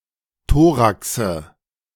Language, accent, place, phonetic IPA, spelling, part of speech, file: German, Germany, Berlin, [ˈtoːʁaksə], Thoraxe, noun, De-Thoraxe.ogg
- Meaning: nominative/accusative/genitive plural of Thorax